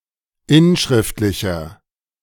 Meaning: inflection of inschriftlich: 1. strong/mixed nominative masculine singular 2. strong genitive/dative feminine singular 3. strong genitive plural
- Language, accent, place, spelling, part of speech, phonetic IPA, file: German, Germany, Berlin, inschriftlicher, adjective, [ˈɪnˌʃʁɪftlɪçɐ], De-inschriftlicher.ogg